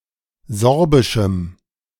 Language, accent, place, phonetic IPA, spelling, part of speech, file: German, Germany, Berlin, [ˈzɔʁbɪʃm̩], sorbischem, adjective, De-sorbischem.ogg
- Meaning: strong dative masculine/neuter singular of sorbisch